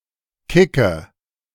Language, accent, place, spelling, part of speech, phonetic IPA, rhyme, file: German, Germany, Berlin, kicke, verb, [ˈkɪkə], -ɪkə, De-kicke.ogg
- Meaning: inflection of kicken: 1. first-person singular present 2. first/third-person singular subjunctive I 3. singular imperative